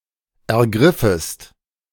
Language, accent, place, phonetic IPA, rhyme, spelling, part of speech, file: German, Germany, Berlin, [ɛɐ̯ˈɡʁɪfəst], -ɪfəst, ergriffest, verb, De-ergriffest.ogg
- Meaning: second-person singular subjunctive I of ergreifen